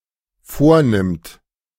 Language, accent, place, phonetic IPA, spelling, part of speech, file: German, Germany, Berlin, [ˈfoːɐ̯ˌnɪmt], vornimmt, verb, De-vornimmt.ogg
- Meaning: third-person singular dependent present of vornehmen